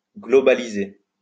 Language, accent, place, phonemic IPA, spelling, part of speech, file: French, France, Lyon, /ɡlɔ.ba.li.ze/, globaliser, verb, LL-Q150 (fra)-globaliser.wav
- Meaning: to globalise, to globalize